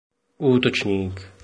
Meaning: 1. attacker (someone who attacks) 2. attacker, forward 3. forward 4. back
- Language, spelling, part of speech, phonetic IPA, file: Czech, útočník, noun, [ˈuːtot͡ʃɲiːk], Cs-útočník.oga